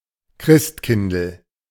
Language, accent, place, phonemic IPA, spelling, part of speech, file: German, Germany, Berlin, /ˈkʁɪstˌkɪndl̩/, Christkindl, proper noun / noun, De-Christkindl.ogg
- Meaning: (proper noun) diminutive of Christkind